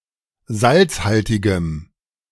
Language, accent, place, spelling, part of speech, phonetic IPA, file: German, Germany, Berlin, salzhaltigem, adjective, [ˈzalt͡sˌhaltɪɡəm], De-salzhaltigem.ogg
- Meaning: strong dative masculine/neuter singular of salzhaltig